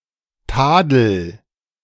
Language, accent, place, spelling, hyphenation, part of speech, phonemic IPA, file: German, Germany, Berlin, Tadel, Ta‧del, noun, /ˈtaːdl̩/, De-Tadel.ogg
- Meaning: 1. blame; reproof 2. flaw, blemish